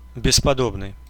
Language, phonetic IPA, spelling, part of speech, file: Russian, [bʲɪspɐˈdobnɨj], бесподобный, adjective, Ru-бесподобный.ogg
- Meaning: peerless, incomparable, matchless